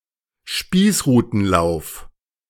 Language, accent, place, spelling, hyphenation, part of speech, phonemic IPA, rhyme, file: German, Germany, Berlin, Spießrutenlauf, Spieß‧ru‧ten‧lauf, noun, /ˈʃpiːsʁuːtn̩ˌlaʊ̯f/, -aʊ̯f, De-Spießrutenlauf.ogg
- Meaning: 1. gantlope, running the gauntlet 2. gauntlet, ordeal